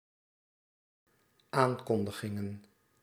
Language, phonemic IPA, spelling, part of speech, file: Dutch, /ˈaŋkɔndəɣɪŋə(n)/, aankondigingen, noun, Nl-aankondigingen.ogg
- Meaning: plural of aankondiging